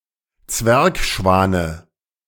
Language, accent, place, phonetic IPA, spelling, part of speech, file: German, Germany, Berlin, [ˈt͡svɛʁkˌʃvaːnə], Zwergschwane, noun, De-Zwergschwane.ogg
- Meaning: dative of Zwergschwan